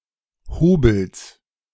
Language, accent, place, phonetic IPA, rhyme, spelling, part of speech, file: German, Germany, Berlin, [ˈhoːbl̩s], -oːbl̩s, Hobels, noun, De-Hobels.ogg
- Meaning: genitive singular of Hobel